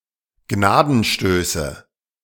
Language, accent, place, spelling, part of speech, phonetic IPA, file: German, Germany, Berlin, Gnadenstöße, noun, [ˈɡnaːdn̩ˌʃtøːsə], De-Gnadenstöße.ogg
- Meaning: nominative/accusative/genitive plural of Gnadenstoß